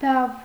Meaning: plot, conspiracy, machination
- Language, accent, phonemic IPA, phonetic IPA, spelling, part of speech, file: Armenian, Eastern Armenian, /dɑv/, [dɑv], դավ, noun, Hy-դավ.ogg